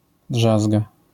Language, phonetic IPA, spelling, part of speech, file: Polish, [ˈḍʒazɡa], drzazga, noun, LL-Q809 (pol)-drzazga.wav